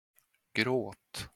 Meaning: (verb) imperative of gråta; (noun) 1. crying, weeping 2. crying, weeping: tears (when more idiomatic)
- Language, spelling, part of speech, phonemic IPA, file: Swedish, gråt, verb / noun, /ɡroːt/, Sv-gråt.flac